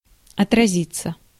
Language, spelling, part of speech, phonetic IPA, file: Russian, отразиться, verb, [ɐtrɐˈzʲit͡sːə], Ru-отразиться.ogg
- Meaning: 1. to be reflected, to reverberate 2. to affect, to have an impact on 3. passive of отрази́ть (otrazítʹ)